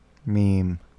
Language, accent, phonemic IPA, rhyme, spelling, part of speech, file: English, US, /miːm/, -iːm, meme, noun / verb, En-us-meme.ogg